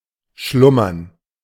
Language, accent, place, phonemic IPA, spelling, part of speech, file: German, Germany, Berlin, /ˈʃlʊmɐn/, schlummern, verb, De-schlummern.ogg
- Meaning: to sleep lightly or briefly; to doze; to slumber